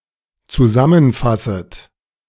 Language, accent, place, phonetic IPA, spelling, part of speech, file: German, Germany, Berlin, [t͡suˈzamənˌfasət], zusammenfasset, verb, De-zusammenfasset.ogg
- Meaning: second-person plural dependent subjunctive I of zusammenfassen